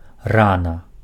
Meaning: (adverb) early; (noun) wound
- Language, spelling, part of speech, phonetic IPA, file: Belarusian, рана, adverb / noun, [ˈrana], Be-рана.ogg